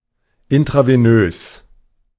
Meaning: intravenous
- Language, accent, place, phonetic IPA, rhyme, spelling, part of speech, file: German, Germany, Berlin, [ɪntʁaveˈnøːs], -øːs, intravenös, adjective, De-intravenös.ogg